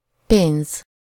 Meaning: money
- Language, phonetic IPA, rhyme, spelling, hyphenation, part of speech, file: Hungarian, [ˈpeːnz], -eːnz, pénz, pénz, noun, Hu-pénz.ogg